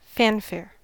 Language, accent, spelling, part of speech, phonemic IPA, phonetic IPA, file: English, US, fanfare, noun / verb, /ˈfænfɛɹ/, [ˈfɛənfɛɹ], En-us-fanfare.ogg
- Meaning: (noun) 1. A flourish of trumpets or horns as to announce; a short and lively air performed on hunting horns during the chase 2. A show of ceremony or celebration; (verb) To play a fanfare